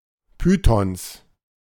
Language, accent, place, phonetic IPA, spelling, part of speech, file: German, Germany, Berlin, [ˈpyːtɔns], Pythons, noun, De-Pythons.ogg
- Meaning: plural of Python